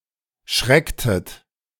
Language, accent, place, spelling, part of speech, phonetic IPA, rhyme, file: German, Germany, Berlin, schrecktet, verb, [ˈʃʁɛktət], -ɛktət, De-schrecktet.ogg
- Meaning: inflection of schrecken: 1. second-person plural preterite 2. second-person plural subjunctive II